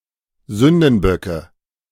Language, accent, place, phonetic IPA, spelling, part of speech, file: German, Germany, Berlin, [ˈzʏndn̩ˌbœkə], Sündenböcke, noun, De-Sündenböcke.ogg
- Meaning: nominative/accusative/genitive plural of Sündenbock